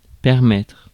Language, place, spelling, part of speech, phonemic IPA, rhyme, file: French, Paris, permettre, verb, /pɛʁ.mɛtʁ/, -ɛtʁ, Fr-permettre.ogg
- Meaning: 1. to permit, to allow (to grant permission or access) 2. to allow, to enable (to provide the means, opportunity, etc.) 3. to take the liberty 4. to afford